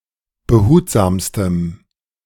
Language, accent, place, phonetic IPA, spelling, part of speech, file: German, Germany, Berlin, [bəˈhuːtzaːmstəm], behutsamstem, adjective, De-behutsamstem.ogg
- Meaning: strong dative masculine/neuter singular superlative degree of behutsam